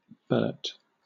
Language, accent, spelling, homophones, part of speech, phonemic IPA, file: English, Southern England, Bert, Burt, proper noun, /bɜːt/, LL-Q1860 (eng)-Bert.wav
- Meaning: A diminutive form of male given names containing the element bert, such as Albert or Robert, also used as a formal given name